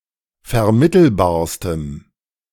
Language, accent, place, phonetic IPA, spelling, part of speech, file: German, Germany, Berlin, [fɛɐ̯ˈmɪtl̩baːɐ̯stəm], vermittelbarstem, adjective, De-vermittelbarstem.ogg
- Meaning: strong dative masculine/neuter singular superlative degree of vermittelbar